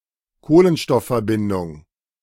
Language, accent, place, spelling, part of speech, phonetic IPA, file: German, Germany, Berlin, Kohlenstoffverbindung, noun, [ˈkoːlənʃtɔffɛɐ̯ˌbɪndʊŋ], De-Kohlenstoffverbindung.ogg
- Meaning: carbon compound